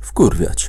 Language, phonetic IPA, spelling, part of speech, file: Polish, [ˈfkurvʲjät͡ɕ], wkurwiać, verb, Pl-wkurwiać.ogg